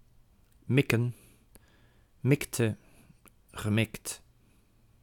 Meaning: 1. to aim, to target 2. to intend 3. to throw
- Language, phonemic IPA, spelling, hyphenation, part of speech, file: Dutch, /ˈmɪ.kə(n)/, mikken, mik‧ken, verb, Nl-mikken.ogg